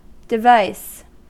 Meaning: 1. Any piece of equipment made for a particular purpose, especially a mechanical or electrical one 2. A peripheral device; an item of hardware
- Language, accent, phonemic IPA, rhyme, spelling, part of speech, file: English, US, /dɪˈvaɪs/, -aɪs, device, noun, En-us-device.ogg